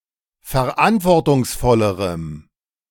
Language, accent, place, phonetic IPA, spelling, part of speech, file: German, Germany, Berlin, [fɛɐ̯ˈʔantvɔʁtʊŋsˌfɔləʁəm], verantwortungsvollerem, adjective, De-verantwortungsvollerem.ogg
- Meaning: strong dative masculine/neuter singular comparative degree of verantwortungsvoll